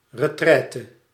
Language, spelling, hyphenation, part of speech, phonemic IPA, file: Dutch, retraite, re‧trai‧te, noun, /rəˈtrɛːtə/, Nl-retraite.ogg
- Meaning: retreat